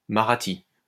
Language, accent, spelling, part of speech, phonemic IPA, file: French, France, marathi, noun, /ma.ʁa.ti/, LL-Q150 (fra)-marathi.wav
- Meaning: alternative form of marathe